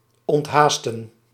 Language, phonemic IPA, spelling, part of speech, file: Dutch, /ɔntˈɦaːstə(n)/, onthaasten, verb, Nl-onthaasten.ogg
- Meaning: 1. to slow down 2. to relax